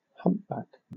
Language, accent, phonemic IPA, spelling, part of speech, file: English, Southern England, /ˈhʌmpbæk/, humpback, noun / verb, LL-Q1860 (eng)-humpback.wav
- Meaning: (noun) A humped back (deformity in humans caused by abnormal curvature of the upper spine)